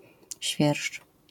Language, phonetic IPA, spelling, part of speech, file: Polish, [ɕfʲjɛrʃt͡ʃ], świerszcz, noun, LL-Q809 (pol)-świerszcz.wav